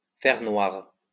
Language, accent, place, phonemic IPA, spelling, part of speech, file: French, France, Lyon, /fɛʁ nwaʁ/, faire noir, verb, LL-Q150 (fra)-faire noir.wav
- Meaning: to be dark, especially when it's night